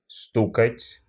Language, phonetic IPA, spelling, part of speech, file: Russian, [ˈstukətʲ], стукать, verb, Ru-стукать.ogg
- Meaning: 1. to knock 2. to rap, to tap 3. to strike, to bang, to hit